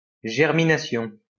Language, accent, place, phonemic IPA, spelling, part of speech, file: French, France, Lyon, /ʒɛʁ.mi.na.sjɔ̃/, germination, noun, LL-Q150 (fra)-germination.wav
- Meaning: germination